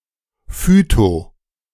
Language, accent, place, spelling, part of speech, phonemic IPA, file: German, Germany, Berlin, phyto-, prefix, /fyto/, De-phyto-.ogg
- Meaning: phyto-